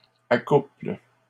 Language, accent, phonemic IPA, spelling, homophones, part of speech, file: French, Canada, /a.kupl/, accouples, accouple / accouplent, verb, LL-Q150 (fra)-accouples.wav
- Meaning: second-person singular present indicative/subjunctive of accoupler